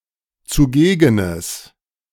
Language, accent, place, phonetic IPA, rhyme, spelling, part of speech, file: German, Germany, Berlin, [t͡suˈɡeːɡənəs], -eːɡənəs, zugegenes, adjective, De-zugegenes.ogg
- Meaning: strong/mixed nominative/accusative neuter singular of zugegen